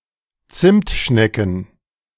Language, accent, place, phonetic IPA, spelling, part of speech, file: German, Germany, Berlin, [ˈt͡sɪmtˌʃnɛkn̩], Zimtschnecken, noun, De-Zimtschnecken.ogg
- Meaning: plural of Zimtschnecke